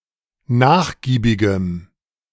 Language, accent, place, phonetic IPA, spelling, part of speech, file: German, Germany, Berlin, [ˈnaːxˌɡiːbɪɡəm], nachgiebigem, adjective, De-nachgiebigem.ogg
- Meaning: strong dative masculine/neuter singular of nachgiebig